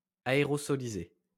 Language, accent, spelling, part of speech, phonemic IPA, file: French, France, aérosolisé, adjective, /a.e.ʁɔ.sɔ.li.ze/, LL-Q150 (fra)-aérosolisé.wav
- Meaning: aerosolized